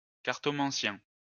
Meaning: fortune teller (from tarot or playing cards), cartomancer
- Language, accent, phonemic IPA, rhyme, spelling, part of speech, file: French, France, /kaʁ.tɔ.mɑ̃.sjɛ̃/, -ɛ̃, cartomancien, noun, LL-Q150 (fra)-cartomancien.wav